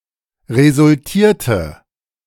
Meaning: inflection of resultiert: 1. strong/mixed nominative/accusative feminine singular 2. strong nominative/accusative plural 3. weak nominative all-gender singular
- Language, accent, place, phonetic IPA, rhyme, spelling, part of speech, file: German, Germany, Berlin, [ʁezʊlˈtiːɐ̯tə], -iːɐ̯tə, resultierte, verb, De-resultierte.ogg